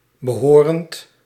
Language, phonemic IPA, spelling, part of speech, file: Dutch, /bəˈhorənt/, behorend, verb, Nl-behorend.ogg
- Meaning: present participle of behoren